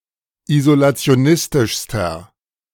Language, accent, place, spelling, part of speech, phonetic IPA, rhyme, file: German, Germany, Berlin, isolationistischster, adjective, [izolat͡si̯oˈnɪstɪʃstɐ], -ɪstɪʃstɐ, De-isolationistischster.ogg
- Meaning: inflection of isolationistisch: 1. strong/mixed nominative masculine singular superlative degree 2. strong genitive/dative feminine singular superlative degree